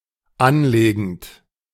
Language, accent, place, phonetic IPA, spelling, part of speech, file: German, Germany, Berlin, [ˈanˌleːɡn̩t], anlegend, verb, De-anlegend.ogg
- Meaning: present participle of anlegen